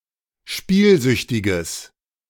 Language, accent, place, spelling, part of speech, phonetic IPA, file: German, Germany, Berlin, spielsüchtiges, adjective, [ˈʃpiːlˌzʏçtɪɡəs], De-spielsüchtiges.ogg
- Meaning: strong/mixed nominative/accusative neuter singular of spielsüchtig